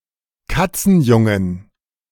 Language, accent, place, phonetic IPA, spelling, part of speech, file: German, Germany, Berlin, [ˈkat͡sn̩ˌjʊŋən], Katzenjungen, noun, De-Katzenjungen.ogg
- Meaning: plural of Katzenjunges